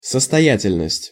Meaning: 1. wealth, affluence, prosperity 2. solvency 3. soundness, well-foundedness (of an argument)
- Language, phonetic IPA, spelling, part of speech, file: Russian, [səstɐˈjætʲɪlʲnəsʲtʲ], состоятельность, noun, Ru-состоятельность.ogg